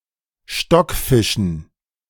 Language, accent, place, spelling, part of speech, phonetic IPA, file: German, Germany, Berlin, Stockfischen, noun, [ˈʃtɔkˌfɪʃn̩], De-Stockfischen.ogg
- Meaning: dative plural of Stockfisch